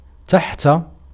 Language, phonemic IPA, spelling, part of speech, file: Arabic, /taħ.ta/, تحت, preposition, Ar-تحت.ogg
- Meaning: under